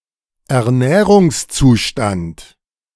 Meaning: nutritional status
- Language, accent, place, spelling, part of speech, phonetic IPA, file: German, Germany, Berlin, Ernährungszustand, noun, [ɛɐ̯ˈnɛːʁʊŋsˌt͡suːʃtant], De-Ernährungszustand.ogg